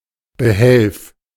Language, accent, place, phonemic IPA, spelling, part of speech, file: German, Germany, Berlin, /bəˈhɛlf/, Behelf, noun, De-Behelf.ogg
- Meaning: 1. makeshift 2. remedy 3. substitute